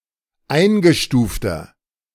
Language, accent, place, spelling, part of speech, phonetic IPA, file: German, Germany, Berlin, eingestufter, adjective, [ˈaɪ̯nɡəˌʃtuːftɐ], De-eingestufter.ogg
- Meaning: inflection of eingestuft: 1. strong/mixed nominative masculine singular 2. strong genitive/dative feminine singular 3. strong genitive plural